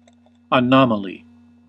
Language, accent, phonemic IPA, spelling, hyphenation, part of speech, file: English, US, /əˈnɑ.mə.li/, anomaly, anom‧aly, noun, En-us-anomaly.ogg
- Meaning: 1. A deviation from a rule or from what is regarded as normal; an outlier 2. Something or someone that is strange or unusual